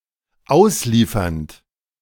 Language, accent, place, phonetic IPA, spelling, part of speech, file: German, Germany, Berlin, [ˈaʊ̯sˌliːfɐnt], ausliefernd, verb, De-ausliefernd.ogg
- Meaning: present participle of ausliefern